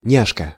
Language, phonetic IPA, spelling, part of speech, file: Russian, [ˈnʲaʂkə], няшка, noun, Ru-няшка.ogg
- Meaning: cute girl, babe, cutie